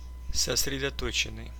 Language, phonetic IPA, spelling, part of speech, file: Russian, [səsrʲɪdɐˈtot͡ɕɪn(ː)ɨj], сосредоточенный, verb / adjective, Ru-сосредо́точенный.ogg
- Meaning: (verb) past passive perfective participle of сосредото́чить (sosredotóčitʹ); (adjective) 1. concentrated 2. focused